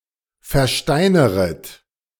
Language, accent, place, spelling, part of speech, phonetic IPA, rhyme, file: German, Germany, Berlin, versteineret, verb, [fɛɐ̯ˈʃtaɪ̯nəʁət], -aɪ̯nəʁət, De-versteineret.ogg
- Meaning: second-person plural subjunctive I of versteinern